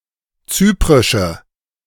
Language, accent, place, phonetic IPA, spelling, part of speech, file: German, Germany, Berlin, [ˈt͡syːpʁɪʃə], zyprische, adjective, De-zyprische.ogg
- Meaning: inflection of zyprisch: 1. strong/mixed nominative/accusative feminine singular 2. strong nominative/accusative plural 3. weak nominative all-gender singular